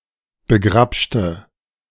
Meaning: inflection of begrabschen: 1. first/third-person singular preterite 2. first/third-person singular subjunctive II
- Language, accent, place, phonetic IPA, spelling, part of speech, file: German, Germany, Berlin, [bəˈɡʁapʃtə], begrabschte, adjective / verb, De-begrabschte.ogg